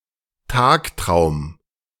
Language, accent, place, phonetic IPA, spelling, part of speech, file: German, Germany, Berlin, [ˈtaːkˌtʁaʊ̯m], Tagtraum, noun, De-Tagtraum.ogg
- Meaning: daydream